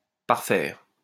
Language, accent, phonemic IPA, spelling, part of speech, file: French, France, /paʁ.fɛʁ/, parfaire, verb, LL-Q150 (fra)-parfaire.wav
- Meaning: 1. to finish, to complete 2. to make a supplementary payment